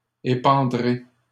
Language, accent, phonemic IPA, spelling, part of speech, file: French, Canada, /e.pɑ̃.dʁe/, épandrai, verb, LL-Q150 (fra)-épandrai.wav
- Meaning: first-person singular simple future of épandre